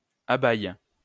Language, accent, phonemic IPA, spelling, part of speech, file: French, France, /a.bɛj/, abayes, verb, LL-Q150 (fra)-abayes.wav
- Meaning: second-person singular present indicative/subjunctive of abayer